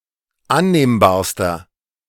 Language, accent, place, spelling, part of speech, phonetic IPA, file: German, Germany, Berlin, annehmbarster, adjective, [ˈanneːmbaːɐ̯stɐ], De-annehmbarster.ogg
- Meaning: inflection of annehmbar: 1. strong/mixed nominative masculine singular superlative degree 2. strong genitive/dative feminine singular superlative degree 3. strong genitive plural superlative degree